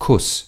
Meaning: kiss
- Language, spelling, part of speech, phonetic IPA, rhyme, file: German, Kuss, noun, [kʰʊs], -ʊs, De-Kuss.ogg